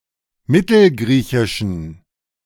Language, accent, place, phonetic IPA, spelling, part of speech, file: German, Germany, Berlin, [ˈmɪtl̩ˌɡʁiːçɪʃn̩], mittelgriechischen, adjective, De-mittelgriechischen.ogg
- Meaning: inflection of mittelgriechisch: 1. strong genitive masculine/neuter singular 2. weak/mixed genitive/dative all-gender singular 3. strong/weak/mixed accusative masculine singular